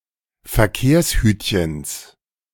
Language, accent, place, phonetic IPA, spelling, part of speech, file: German, Germany, Berlin, [fɛɐ̯ˈkeːɐ̯sˌhyːtçn̩s], Verkehrshütchens, noun, De-Verkehrshütchens.ogg
- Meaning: genitive singular of Verkehrshütchen